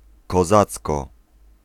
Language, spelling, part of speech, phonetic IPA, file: Polish, kozacko, adverb, [kɔˈzat͡skɔ], Pl-kozacko.ogg